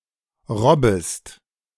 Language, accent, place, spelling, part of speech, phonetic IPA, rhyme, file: German, Germany, Berlin, robbest, verb, [ˈʁɔbəst], -ɔbəst, De-robbest.ogg
- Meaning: second-person singular subjunctive I of robben